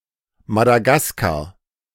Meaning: Madagascar (an island and country off the east coast of Africa)
- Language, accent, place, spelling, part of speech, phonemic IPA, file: German, Germany, Berlin, Madagaskar, proper noun, /ˌmadaˈɡaskaʁ/, De-Madagaskar.ogg